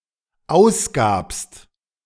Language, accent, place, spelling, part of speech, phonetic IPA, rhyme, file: German, Germany, Berlin, ausgabst, verb, [ˈaʊ̯sˌɡaːpst], -aʊ̯sɡaːpst, De-ausgabst.ogg
- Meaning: second-person singular dependent preterite of ausgeben